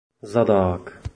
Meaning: 1. defender, back 2. full-back 3. stern paddler 4. catcher 5. person who carried away products in the glass-works 6. person in the back 7. position of full-back 8. stern
- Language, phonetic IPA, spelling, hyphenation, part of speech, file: Czech, [ˈzadaːk], zadák, za‧dák, noun, Cs-zadák.oga